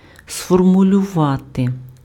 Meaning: to formulate (to put in a clear and definite form of statement or expression)
- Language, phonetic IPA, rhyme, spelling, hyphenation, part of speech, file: Ukrainian, [sfɔrmʊlʲʊˈʋate], -ate, сформулювати, сфор‧му‧лю‧ва‧ти, verb, Uk-сформулювати.ogg